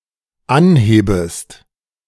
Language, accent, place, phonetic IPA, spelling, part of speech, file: German, Germany, Berlin, [ˈanˌheːbəst], anhebest, verb, De-anhebest.ogg
- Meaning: second-person singular dependent subjunctive I of anheben